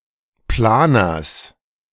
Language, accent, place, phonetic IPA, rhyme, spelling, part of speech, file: German, Germany, Berlin, [ˈplaːnɐs], -aːnɐs, Planers, noun, De-Planers.ogg
- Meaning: genitive singular of Planer